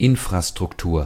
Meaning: infrastructure
- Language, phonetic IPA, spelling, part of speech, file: German, [ˈɪnfʁastʁʊkˌtuːɐ̯], Infrastruktur, noun, De-Infrastruktur.ogg